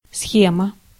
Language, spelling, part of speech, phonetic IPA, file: Russian, схема, noun, [ˈsxʲemə], Ru-схема.ogg
- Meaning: scheme, schema, arrangement, layout, outline, framework (combination of components and the relationships between them, or a visual or verbal explanation of this)